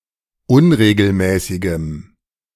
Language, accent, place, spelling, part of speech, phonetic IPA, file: German, Germany, Berlin, unregelmäßigem, adjective, [ˈʊnʁeːɡl̩ˌmɛːsɪɡəm], De-unregelmäßigem.ogg
- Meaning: strong dative masculine/neuter singular of unregelmäßig